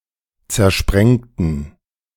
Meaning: inflection of zersprengen: 1. first/third-person plural preterite 2. first/third-person plural subjunctive II
- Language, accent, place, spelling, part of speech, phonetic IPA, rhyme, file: German, Germany, Berlin, zersprengten, adjective / verb, [t͡sɛɐ̯ˈʃpʁɛŋtn̩], -ɛŋtn̩, De-zersprengten.ogg